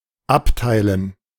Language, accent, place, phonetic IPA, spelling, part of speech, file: German, Germany, Berlin, [ˈaptaɪ̯lən], Abteilen, noun, De-Abteilen.ogg
- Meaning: 1. gerund of abteilen 2. dative plural of Abteil